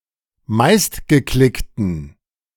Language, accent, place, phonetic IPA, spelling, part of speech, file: German, Germany, Berlin, [ˈmaɪ̯stɡəˌklɪktn̩], meistgeklickten, adjective, De-meistgeklickten.ogg
- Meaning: inflection of meistgeklickt: 1. strong genitive masculine/neuter singular 2. weak/mixed genitive/dative all-gender singular 3. strong/weak/mixed accusative masculine singular 4. strong dative plural